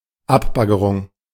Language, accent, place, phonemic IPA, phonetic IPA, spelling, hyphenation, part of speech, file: German, Germany, Berlin, /ˈapbaɡəʀʊŋ/, [ˈʔapbaɡəʀʊŋ], Abbaggerung, Ab‧bag‧ge‧rung, noun, De-Abbaggerung.ogg
- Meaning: removal with the help of an excavator